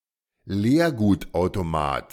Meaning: reverse vending machine
- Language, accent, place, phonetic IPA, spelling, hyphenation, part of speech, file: German, Germany, Berlin, [ˈleːɐ̯ɡuːtaʊ̯toˌmaːt], Leergutautomat, Leer‧gut‧au‧to‧mat, noun, De-Leergutautomat.ogg